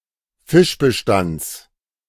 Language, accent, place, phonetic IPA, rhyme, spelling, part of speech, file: German, Germany, Berlin, [ˈfɪʃbəˌʃtant͡s], -ɪʃbəʃtant͡s, Fischbestands, noun, De-Fischbestands.ogg
- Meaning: genitive of Fischbestand